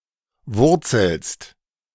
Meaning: second-person singular present of wurzeln
- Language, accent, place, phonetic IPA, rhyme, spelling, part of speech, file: German, Germany, Berlin, [ˈvʊʁt͡sl̩st], -ʊʁt͡sl̩st, wurzelst, verb, De-wurzelst.ogg